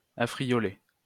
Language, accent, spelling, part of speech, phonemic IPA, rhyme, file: French, France, affrioler, verb, /a.fʁi.jɔ.le/, -e, LL-Q150 (fra)-affrioler.wav
- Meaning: 1. to tempt 2. to entice 3. to seduce